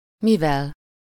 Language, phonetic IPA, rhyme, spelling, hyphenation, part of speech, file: Hungarian, [ˈmivɛl], -ɛl, mivel, mi‧vel, pronoun / conjunction, Hu-mivel.ogg
- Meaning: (pronoun) instrumental singular of mi; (conjunction) as (because)